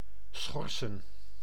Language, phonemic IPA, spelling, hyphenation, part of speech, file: Dutch, /ˈsxɔr.sə(n)/, schorsen, schor‧sen, verb / noun, Nl-schorsen.ogg
- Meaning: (verb) 1. to suspend, delay (an event, proceeding) by inserting a pause 2. to suspend, temporarily depose / remove from office or from membership or enrolment in an organisation 3. to strip off bark